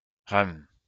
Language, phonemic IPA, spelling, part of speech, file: French, /ʁœm/, reum, noun, LL-Q150 (fra)-reum.wav
- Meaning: mother